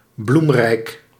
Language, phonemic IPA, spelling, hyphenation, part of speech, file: Dutch, /ˈblum.rɛi̯k/, bloemrijk, bloem‧rijk, adjective, Nl-bloemrijk.ogg
- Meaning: 1. having many flowers, flowery (in a literal sense) 2. flowery, ornate, florid (lavishly decorated or elaborate)